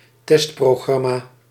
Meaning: a testing programme
- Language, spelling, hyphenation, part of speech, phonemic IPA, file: Dutch, testprogramma, test‧pro‧gram‧ma, noun, /ˈtɛst.proːˌɣrɑ.maː/, Nl-testprogramma.ogg